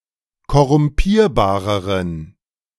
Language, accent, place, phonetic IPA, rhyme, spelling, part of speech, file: German, Germany, Berlin, [kɔʁʊmˈpiːɐ̯baːʁəʁən], -iːɐ̯baːʁəʁən, korrumpierbareren, adjective, De-korrumpierbareren.ogg
- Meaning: inflection of korrumpierbar: 1. strong genitive masculine/neuter singular comparative degree 2. weak/mixed genitive/dative all-gender singular comparative degree